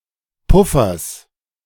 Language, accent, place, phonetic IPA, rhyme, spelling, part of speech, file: German, Germany, Berlin, [ˈpʊfɐs], -ʊfɐs, Puffers, noun, De-Puffers.ogg
- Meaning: genitive singular of Puffer